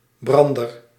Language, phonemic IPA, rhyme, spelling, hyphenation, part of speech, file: Dutch, /ˈbrɑn.dər/, -ɑndər, brander, bran‧der, noun, Nl-brander.ogg
- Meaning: 1. a receptacle in which a fuel or candle is placed to be burnt 2. blowtorch 3. fireship 4. a breaker (wave)